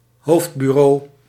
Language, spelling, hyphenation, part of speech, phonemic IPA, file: Dutch, hoofdbureau, hoofd‧bu‧reau, noun, /ˈɦoːft.byˌroː/, Nl-hoofdbureau.ogg
- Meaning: main office, now generally used of the main police station of a given area